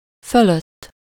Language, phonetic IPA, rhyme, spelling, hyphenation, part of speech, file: Hungarian, [ˈføløtː], -øtː, fölött, fö‧lött, postposition, Hu-fölött.ogg
- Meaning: alternative form of felett (“above”)